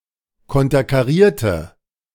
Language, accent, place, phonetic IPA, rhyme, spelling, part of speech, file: German, Germany, Berlin, [ˌkɔntɐkaˈʁiːɐ̯tə], -iːɐ̯tə, konterkarierte, adjective / verb, De-konterkarierte.ogg
- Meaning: inflection of konterkarieren: 1. first/third-person singular preterite 2. first/third-person singular subjunctive II